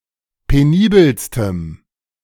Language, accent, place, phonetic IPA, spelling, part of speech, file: German, Germany, Berlin, [peˈniːbəlstəm], penibelstem, adjective, De-penibelstem.ogg
- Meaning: strong dative masculine/neuter singular superlative degree of penibel